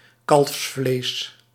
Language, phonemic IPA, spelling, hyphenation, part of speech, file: Dutch, /ˈkɑlfs.fleːs/, kalfsvlees, kalfs‧vlees, noun, Nl-kalfsvlees.ogg
- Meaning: veal